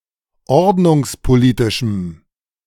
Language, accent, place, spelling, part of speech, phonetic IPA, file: German, Germany, Berlin, ordnungspolitischem, adjective, [ˈɔʁdnʊŋspoˌliːtɪʃm̩], De-ordnungspolitischem.ogg
- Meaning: strong dative masculine/neuter singular of ordnungspolitisch